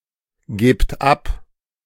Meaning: inflection of abgeben: 1. second-person plural present 2. plural imperative
- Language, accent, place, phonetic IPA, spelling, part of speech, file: German, Germany, Berlin, [ˌɡeːpt ˈap], gebt ab, verb, De-gebt ab.ogg